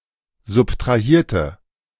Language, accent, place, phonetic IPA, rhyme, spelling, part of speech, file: German, Germany, Berlin, [zʊptʁaˈhiːɐ̯tə], -iːɐ̯tə, subtrahierte, adjective / verb, De-subtrahierte.ogg
- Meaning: inflection of subtrahieren: 1. first/third-person singular preterite 2. first/third-person singular subjunctive II